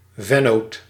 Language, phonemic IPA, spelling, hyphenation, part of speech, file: Dutch, /ˈvɛ.noːt/, vennoot, ven‧noot, noun, Nl-vennoot.ogg
- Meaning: partner (in a business venture)